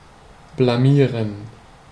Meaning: 1. to embarrass 2. to disgrace oneself
- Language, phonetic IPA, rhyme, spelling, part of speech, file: German, [blaˈmiːʁən], -iːʁən, blamieren, verb, De-blamieren.ogg